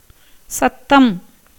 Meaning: sound
- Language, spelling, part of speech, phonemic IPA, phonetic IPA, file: Tamil, சத்தம், noun, /tʃɐt̪ːɐm/, [sɐt̪ːɐm], Ta-சத்தம்.ogg